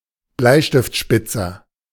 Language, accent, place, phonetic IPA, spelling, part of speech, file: German, Germany, Berlin, [ˈblaɪ̯ʃtɪftˌʃpɪt͡sɐ], Bleistiftspitzer, noun, De-Bleistiftspitzer.ogg
- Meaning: pencil sharpener